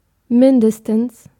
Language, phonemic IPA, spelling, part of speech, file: German, /ˈmɪndəstəns/, mindestens, adverb, De-mindestens.ogg
- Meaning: at least (at a lower limit)